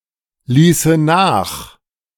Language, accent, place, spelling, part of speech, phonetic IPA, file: German, Germany, Berlin, ließe nach, verb, [ˌliːsə ˈnaːx], De-ließe nach.ogg
- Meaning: first/third-person singular subjunctive II of nachlassen